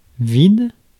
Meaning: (adjective) 1. empty 2. devoid 3. blank (page, tape) 4. vacant; unfurnished (apartment); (noun) 1. space 2. vacuum, void 3. emptiness 4. gap
- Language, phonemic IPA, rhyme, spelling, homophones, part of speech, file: French, /vid/, -id, vide, vides, adjective / noun / verb, Fr-vide.ogg